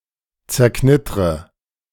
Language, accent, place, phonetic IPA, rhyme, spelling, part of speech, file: German, Germany, Berlin, [t͡sɛɐ̯ˈknɪtʁə], -ɪtʁə, zerknittre, verb, De-zerknittre.ogg
- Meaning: inflection of zerknittern: 1. first-person singular present 2. first/third-person singular subjunctive I 3. singular imperative